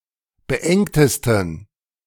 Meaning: 1. superlative degree of beengt 2. inflection of beengt: strong genitive masculine/neuter singular superlative degree
- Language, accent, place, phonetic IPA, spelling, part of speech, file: German, Germany, Berlin, [bəˈʔɛŋtəstn̩], beengtesten, adjective, De-beengtesten.ogg